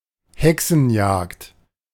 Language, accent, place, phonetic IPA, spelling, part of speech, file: German, Germany, Berlin, [ˈhɛksn̩ˌjaːkt], Hexenjagd, noun, De-Hexenjagd.ogg
- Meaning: witch-hunt